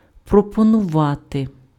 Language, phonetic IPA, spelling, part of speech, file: Ukrainian, [prɔpɔnʊˈʋate], пропонувати, verb, Uk-пропонувати.ogg
- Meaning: 1. to offer 2. to propose, to put forward 3. to suggest